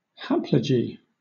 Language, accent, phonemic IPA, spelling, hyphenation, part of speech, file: English, Southern England, /ˈhæpləd͡ʒi/, haplogy, hap‧lo‧gy, noun, LL-Q1860 (eng)-haplogy.wav
- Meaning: Synonym of haplology